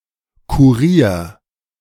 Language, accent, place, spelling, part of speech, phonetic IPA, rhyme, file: German, Germany, Berlin, kurier, verb, [kuˈʁiːɐ̯], -iːɐ̯, De-kurier.ogg
- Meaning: 1. singular imperative of kurieren 2. first-person singular present of kurieren